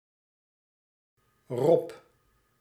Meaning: a male given name
- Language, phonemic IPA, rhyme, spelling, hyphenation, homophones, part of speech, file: Dutch, /rɔp/, -ɔp, Rob, Rob, rob, proper noun, Nl-Rob.ogg